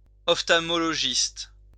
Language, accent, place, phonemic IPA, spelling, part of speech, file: French, France, Lyon, /ɔf.tal.mɔ.lɔ.ʒist/, ophtalmologiste, noun, LL-Q150 (fra)-ophtalmologiste.wav
- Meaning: ophthalmologist